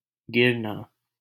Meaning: 1. to fall, to tumble 2. to decrease
- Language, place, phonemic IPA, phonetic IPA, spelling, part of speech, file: Hindi, Delhi, /ɡɪɾ.nɑː/, [ɡɪɾ.näː], गिरना, verb, LL-Q1568 (hin)-गिरना.wav